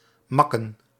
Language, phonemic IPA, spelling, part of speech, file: Dutch, /ˈmɑkə(n)/, makken, verb, Nl-makken.ogg
- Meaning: to spend money